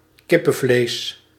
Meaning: chicken (meat)
- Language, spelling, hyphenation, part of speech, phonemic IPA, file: Dutch, kippenvlees, kip‧pen‧vlees, noun, /ˈkɪ.pə(n)ˌvleːs/, Nl-kippenvlees.ogg